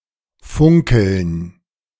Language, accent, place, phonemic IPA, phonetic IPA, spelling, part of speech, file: German, Germany, Berlin, /ˈfʊŋkəln/, [ˈfʊŋ.kl̩n], funkeln, verb, De-funkeln.ogg
- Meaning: to sparkle, twinkle, glitter